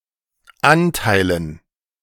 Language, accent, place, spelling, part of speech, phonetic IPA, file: German, Germany, Berlin, Anteilen, noun, [ˈantaɪ̯lən], De-Anteilen.ogg
- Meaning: dative plural of Anteil